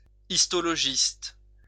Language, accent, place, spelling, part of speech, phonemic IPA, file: French, France, Lyon, histologiste, noun, /is.tɔ.lɔ.ʒist/, LL-Q150 (fra)-histologiste.wav
- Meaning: histologist